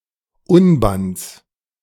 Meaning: genitive singular of Unband
- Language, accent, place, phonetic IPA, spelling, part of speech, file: German, Germany, Berlin, [ˈʊnbant͡s], Unbands, noun, De-Unbands.ogg